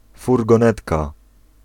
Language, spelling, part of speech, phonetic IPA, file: Polish, furgonetka, noun, [ˌfurɡɔ̃ˈnɛtka], Pl-furgonetka.ogg